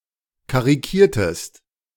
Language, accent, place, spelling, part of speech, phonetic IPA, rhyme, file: German, Germany, Berlin, karikiertest, verb, [kaʁiˈkiːɐ̯təst], -iːɐ̯təst, De-karikiertest.ogg
- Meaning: inflection of karikieren: 1. second-person singular preterite 2. second-person singular subjunctive II